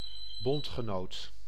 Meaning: 1. ally (member of the same alliance; one who offers support when needed) 2. fellow member of a federation, confederacy, association, etc
- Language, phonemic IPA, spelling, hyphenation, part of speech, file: Dutch, /ˈbɔnt.xəˌnoːt/, bondgenoot, bond‧ge‧noot, noun, Nl-bondgenoot.ogg